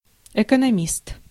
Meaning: economist
- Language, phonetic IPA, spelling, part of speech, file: Russian, [ɪkənɐˈmʲist], экономист, noun, Ru-экономист.ogg